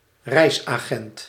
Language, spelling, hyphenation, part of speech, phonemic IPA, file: Dutch, reisagent, reis‧agent, noun, /ˈrɛi̯s.aːˌɣɛnt/, Nl-reisagent.ogg
- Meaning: a travel agent